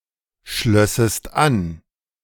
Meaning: second-person singular subjunctive II of anschließen
- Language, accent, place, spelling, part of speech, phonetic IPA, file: German, Germany, Berlin, schlössest an, verb, [ˌʃlœsəst ˈan], De-schlössest an.ogg